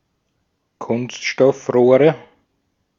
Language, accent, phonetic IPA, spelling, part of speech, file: German, Austria, [ˈkʊnstʃtɔfˌʁoːʁə], Kunststoffrohre, noun, De-at-Kunststoffrohre.ogg
- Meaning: nominative/accusative/genitive plural of Kunststoffrohr